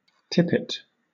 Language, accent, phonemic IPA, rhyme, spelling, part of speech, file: English, Southern England, /ˈtɪpɪt/, -ɪpɪt, tippet, noun, LL-Q1860 (eng)-tippet.wav
- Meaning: 1. A shoulder covering, typically the fur of a fox, with long ends that dangle in front 2. A stole worn by Anglican ministers or other clergymen